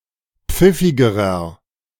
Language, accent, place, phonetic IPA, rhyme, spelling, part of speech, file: German, Germany, Berlin, [ˈp͡fɪfɪɡəʁɐ], -ɪfɪɡəʁɐ, pfiffigerer, adjective, De-pfiffigerer.ogg
- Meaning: inflection of pfiffig: 1. strong/mixed nominative masculine singular comparative degree 2. strong genitive/dative feminine singular comparative degree 3. strong genitive plural comparative degree